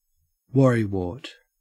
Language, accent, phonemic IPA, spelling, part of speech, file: English, Australia, /ˈwʌɹ.iˌwɔːt/, worrywart, noun, En-au-worrywart.ogg
- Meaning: A person who worries excessively, especially about unimportant matters